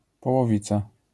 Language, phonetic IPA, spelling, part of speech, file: Polish, [ˌpɔwɔˈvʲit͡sa], połowica, noun, LL-Q809 (pol)-połowica.wav